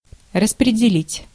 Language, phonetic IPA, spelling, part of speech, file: Russian, [rəsprʲɪdʲɪˈlʲitʲ], распределить, verb, Ru-распределить.ogg
- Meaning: to distribute, to apportion, to allocate (to divide and distribute portions of a whole)